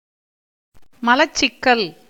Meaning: constipation
- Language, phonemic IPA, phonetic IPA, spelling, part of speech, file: Tamil, /mɐlɐtʃtʃɪkːɐl/, [mɐlɐssɪkːɐl], மலச்சிக்கல், noun, Ta-மலச்சிக்கல்.ogg